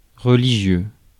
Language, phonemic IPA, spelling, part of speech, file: French, /ʁə.li.ʒjø/, religieux, adjective / noun, Fr-religieux.ogg
- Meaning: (adjective) religious; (noun) 1. a religious person (man) 2. a religious (a man who is a member of a religious institute or order; a friar, monk, or religious priest)